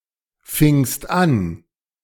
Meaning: second-person singular preterite of anfangen
- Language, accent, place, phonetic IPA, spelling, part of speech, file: German, Germany, Berlin, [ˌfɪŋst ˈan], fingst an, verb, De-fingst an.ogg